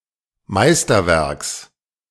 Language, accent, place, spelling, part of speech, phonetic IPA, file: German, Germany, Berlin, Meisterwerks, noun, [ˈmaɪ̯stɐˌvɛʁks], De-Meisterwerks.ogg
- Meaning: genitive singular of Meisterwerk